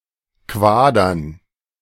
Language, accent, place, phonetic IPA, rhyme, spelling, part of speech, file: German, Germany, Berlin, [ˈkvaːdɐn], -aːdɐn, Quadern, noun, De-Quadern.ogg
- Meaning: dative plural of Quader